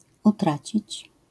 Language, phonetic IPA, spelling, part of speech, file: Polish, [uˈtrat͡ɕit͡ɕ], utracić, verb, LL-Q809 (pol)-utracić.wav